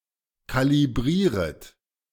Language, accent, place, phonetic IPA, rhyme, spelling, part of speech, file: German, Germany, Berlin, [ˌkaliˈbʁiːʁət], -iːʁət, kalibrieret, verb, De-kalibrieret.ogg
- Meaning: second-person plural subjunctive I of kalibrieren